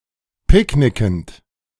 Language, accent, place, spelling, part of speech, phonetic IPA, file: German, Germany, Berlin, picknickend, verb, [ˈpɪkˌnɪkn̩t], De-picknickend.ogg
- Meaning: present participle of picknicken